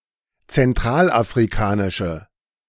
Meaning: inflection of zentralafrikanisch: 1. strong/mixed nominative/accusative feminine singular 2. strong nominative/accusative plural 3. weak nominative all-gender singular
- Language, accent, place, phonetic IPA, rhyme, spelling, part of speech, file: German, Germany, Berlin, [t͡sɛnˌtʁaːlʔafʁiˈkaːnɪʃə], -aːnɪʃə, zentralafrikanische, adjective, De-zentralafrikanische.ogg